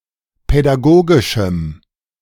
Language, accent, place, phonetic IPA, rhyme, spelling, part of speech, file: German, Germany, Berlin, [pɛdaˈɡoːɡɪʃm̩], -oːɡɪʃm̩, pädagogischem, adjective, De-pädagogischem.ogg
- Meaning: strong dative masculine/neuter singular of pädagogisch